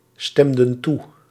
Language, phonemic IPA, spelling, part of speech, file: Dutch, /ˈstɛmdə(n) ˈtu/, stemden toe, verb, Nl-stemden toe.ogg
- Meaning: inflection of toestemmen: 1. plural past indicative 2. plural past subjunctive